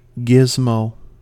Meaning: Something, generally a device or gadget, whose real name is unknown or forgotten
- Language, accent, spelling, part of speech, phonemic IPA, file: English, US, gizmo, noun, /ˈɡɪzmoʊ/, En-us-gizmo.ogg